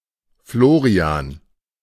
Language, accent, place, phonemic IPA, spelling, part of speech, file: German, Germany, Berlin, /ˈfloːʁi̯aːn/, Florian, proper noun, De-Florian.ogg
- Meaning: a male given name